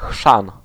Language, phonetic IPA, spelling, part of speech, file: Polish, [xʃãn], chrzan, noun, Pl-chrzan.ogg